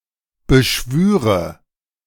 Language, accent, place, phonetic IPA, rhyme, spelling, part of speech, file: German, Germany, Berlin, [bəˈʃvyːʁə], -yːʁə, beschwüre, verb, De-beschwüre.ogg
- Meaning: first/third-person singular subjunctive II of beschwören